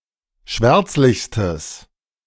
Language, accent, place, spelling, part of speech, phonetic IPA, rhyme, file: German, Germany, Berlin, schwärzlichstes, adjective, [ˈʃvɛʁt͡slɪçstəs], -ɛʁt͡slɪçstəs, De-schwärzlichstes.ogg
- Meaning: strong/mixed nominative/accusative neuter singular superlative degree of schwärzlich